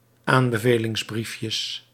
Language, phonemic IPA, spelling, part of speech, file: Dutch, /ˈambəvelɪŋzˌbrifjəs/, aanbevelingsbriefjes, noun, Nl-aanbevelingsbriefjes.ogg
- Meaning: plural of aanbevelingsbriefje